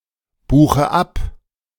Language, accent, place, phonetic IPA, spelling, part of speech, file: German, Germany, Berlin, [ˌbuːxə ˈap], buche ab, verb, De-buche ab.ogg
- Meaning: inflection of abbuchen: 1. first-person singular present 2. first/third-person singular subjunctive I 3. singular imperative